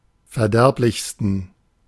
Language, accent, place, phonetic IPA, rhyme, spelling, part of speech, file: German, Germany, Berlin, [fɛɐ̯ˈdɛʁplɪçstn̩], -ɛʁplɪçstn̩, verderblichsten, adjective, De-verderblichsten.ogg
- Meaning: 1. superlative degree of verderblich 2. inflection of verderblich: strong genitive masculine/neuter singular superlative degree